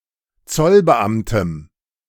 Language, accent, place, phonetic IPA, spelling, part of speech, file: German, Germany, Berlin, [ˈt͡sɔlbəˌʔamtəm], Zollbeamtem, noun, De-Zollbeamtem.ogg
- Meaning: strong dative singular of Zollbeamter